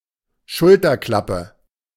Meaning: epaulette, shoulderboard, shoulder board
- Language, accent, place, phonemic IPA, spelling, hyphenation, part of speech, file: German, Germany, Berlin, /ˈʃʊltɐˌklapə/, Schulterklappe, Schul‧ter‧klap‧pe, noun, De-Schulterklappe.ogg